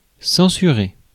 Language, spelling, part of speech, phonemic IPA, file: French, censurer, verb, /sɑ̃.sy.ʁe/, Fr-censurer.ogg
- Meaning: 1. to formally rebuke; to censure 2. to censor